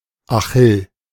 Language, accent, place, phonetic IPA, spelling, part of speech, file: German, Germany, Berlin, [aˈxɪl], Achill, proper noun, De-Achill.ogg
- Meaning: 1. Achilles; alternative form of Achilleus 2. a male given name from Ancient Greek, of rare usage